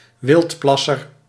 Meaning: someone who illegally urinates outdoors
- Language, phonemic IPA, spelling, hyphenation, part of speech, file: Dutch, /ˈʋɪltˌplɑ.sər/, wildplasser, wild‧plas‧ser, noun, Nl-wildplasser.ogg